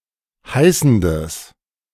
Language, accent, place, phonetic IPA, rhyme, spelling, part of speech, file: German, Germany, Berlin, [ˈhaɪ̯sn̩dəs], -aɪ̯sn̩dəs, heißendes, adjective, De-heißendes.ogg
- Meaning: strong/mixed nominative/accusative neuter singular of heißend